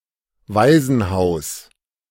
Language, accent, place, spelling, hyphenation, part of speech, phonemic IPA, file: German, Germany, Berlin, Waisenhaus, Wai‧sen‧haus, noun, /ˈvaɪ̯zn̩ˌhaʊ̯s/, De-Waisenhaus.ogg
- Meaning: orphanage